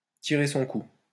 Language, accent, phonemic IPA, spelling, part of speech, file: French, France, /ti.ʁe sɔ̃ ku/, tirer son coup, verb, LL-Q150 (fra)-tirer son coup.wav
- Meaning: alternative form of tirer un coup